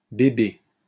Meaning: plural of bébé
- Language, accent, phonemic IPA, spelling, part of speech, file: French, France, /be.be/, bébés, noun, LL-Q150 (fra)-bébés.wav